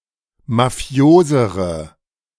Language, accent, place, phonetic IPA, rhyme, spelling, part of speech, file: German, Germany, Berlin, [maˈfi̯oːzəʁə], -oːzəʁə, mafiosere, adjective, De-mafiosere.ogg
- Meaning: inflection of mafios: 1. strong/mixed nominative/accusative feminine singular comparative degree 2. strong nominative/accusative plural comparative degree